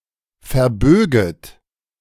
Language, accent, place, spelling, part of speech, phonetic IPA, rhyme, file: German, Germany, Berlin, verböget, verb, [fɛɐ̯ˈbøːɡət], -øːɡət, De-verböget.ogg
- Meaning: second-person plural subjunctive I of verbiegen